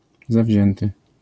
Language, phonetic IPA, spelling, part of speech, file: Polish, [zaˈvʲʑɛ̃ntɨ], zawzięty, adjective, LL-Q809 (pol)-zawzięty.wav